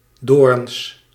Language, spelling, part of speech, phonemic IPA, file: Dutch, doorns, noun, /ˈdorᵊns/, Nl-doorns.ogg
- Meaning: plural of doorn